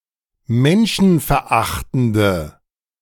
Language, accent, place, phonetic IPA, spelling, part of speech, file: German, Germany, Berlin, [ˈmɛnʃn̩fɛɐ̯ˌʔaxtn̩də], menschenverachtende, adjective, De-menschenverachtende.ogg
- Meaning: inflection of menschenverachtend: 1. strong/mixed nominative/accusative feminine singular 2. strong nominative/accusative plural 3. weak nominative all-gender singular